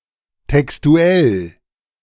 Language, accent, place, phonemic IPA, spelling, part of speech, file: German, Germany, Berlin, /tɛksˈtu̯ɛl/, textuell, adjective, De-textuell.ogg
- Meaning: alternative form of textlich (“textual”)